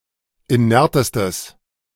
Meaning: strong/mixed nominative/accusative neuter singular superlative degree of inert
- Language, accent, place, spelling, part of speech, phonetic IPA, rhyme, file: German, Germany, Berlin, inertestes, adjective, [iˈnɛʁtəstəs], -ɛʁtəstəs, De-inertestes.ogg